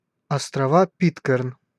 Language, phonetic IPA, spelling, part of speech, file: Russian, [ɐstrɐˈva ˈpʲitkɨrn], острова Питкэрн, proper noun, Ru-острова Питкэрн.ogg
- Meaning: Pitcairn Islands (a small archipelago and overseas territory of the United Kingdom in the southern Pacific Ocean)